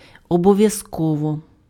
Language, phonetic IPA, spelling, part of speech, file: Ukrainian, [ɔbɔʋjɐzˈkɔwɔ], обов'язково, adverb, Uk-обов'язково.ogg
- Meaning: 1. obligatorily, mandatorily 2. necessarily 3. definitely, without fail